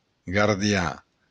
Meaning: An Occitan cowboy in the Camargue region of France
- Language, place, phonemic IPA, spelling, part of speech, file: Occitan, Béarn, /ɡaʁdjɑ̃/, gardian, noun, LL-Q14185 (oci)-gardian.wav